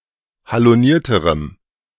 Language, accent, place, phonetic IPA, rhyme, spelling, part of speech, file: German, Germany, Berlin, [haloˈniːɐ̯təʁəm], -iːɐ̯təʁəm, halonierterem, adjective, De-halonierterem.ogg
- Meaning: strong dative masculine/neuter singular comparative degree of haloniert